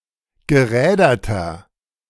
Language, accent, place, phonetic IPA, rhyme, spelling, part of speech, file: German, Germany, Berlin, [ɡəˈʁɛːdɐtɐ], -ɛːdɐtɐ, geräderter, adjective, De-geräderter.ogg
- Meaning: 1. comparative degree of gerädert 2. inflection of gerädert: strong/mixed nominative masculine singular 3. inflection of gerädert: strong genitive/dative feminine singular